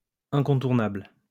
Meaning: unmissable, unavoidable, essential, inescapable, indispensable
- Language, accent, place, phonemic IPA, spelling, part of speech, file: French, France, Lyon, /ɛ̃.kɔ̃.tuʁ.nabl/, incontournable, adjective, LL-Q150 (fra)-incontournable.wav